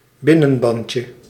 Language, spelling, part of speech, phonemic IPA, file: Dutch, binnenbandje, noun, /ˈbɪnənˌbɑɲcjə/, Nl-binnenbandje.ogg
- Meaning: diminutive of binnenband